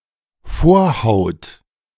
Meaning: foreskin
- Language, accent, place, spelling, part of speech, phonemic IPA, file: German, Germany, Berlin, Vorhaut, noun, /ˈfoːɐ̯haʊ̯t/, De-Vorhaut.ogg